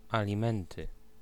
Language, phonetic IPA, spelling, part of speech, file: Polish, [ˌalʲĩˈmɛ̃ntɨ], alimenty, noun, Pl-alimenty.ogg